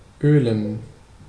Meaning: 1. to oil 2. to press out some oil
- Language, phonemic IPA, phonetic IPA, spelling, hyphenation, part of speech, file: German, /øːlen/, [ʔøːln], ölen, ölen, verb, De-ölen.ogg